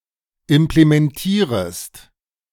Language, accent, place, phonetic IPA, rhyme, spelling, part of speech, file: German, Germany, Berlin, [ɪmplemɛnˈtiːʁəst], -iːʁəst, implementierest, verb, De-implementierest.ogg
- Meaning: second-person singular subjunctive I of implementieren